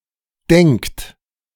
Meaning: third-person singular present of denken
- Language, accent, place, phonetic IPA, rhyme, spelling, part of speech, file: German, Germany, Berlin, [dɛŋkt], -ɛŋkt, denkt, verb, De-denkt.ogg